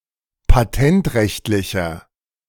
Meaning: inflection of patentrechtlich: 1. strong/mixed nominative masculine singular 2. strong genitive/dative feminine singular 3. strong genitive plural
- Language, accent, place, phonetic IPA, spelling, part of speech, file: German, Germany, Berlin, [paˈtɛntˌʁɛçtlɪçɐ], patentrechtlicher, adjective, De-patentrechtlicher.ogg